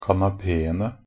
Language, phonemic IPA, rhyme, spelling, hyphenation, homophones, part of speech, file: Norwegian Bokmål, /kanaˈpeːənə/, -ənə, kanapeene, ka‧na‧pe‧en‧e, kanapéene, noun, Nb-kanapeene.ogg
- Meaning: 1. definite plural of kanapé 2. definite plural of kanape